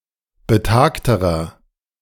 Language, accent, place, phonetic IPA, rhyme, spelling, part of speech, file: German, Germany, Berlin, [bəˈtaːktəʁɐ], -aːktəʁɐ, betagterer, adjective, De-betagterer.ogg
- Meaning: inflection of betagt: 1. strong/mixed nominative masculine singular comparative degree 2. strong genitive/dative feminine singular comparative degree 3. strong genitive plural comparative degree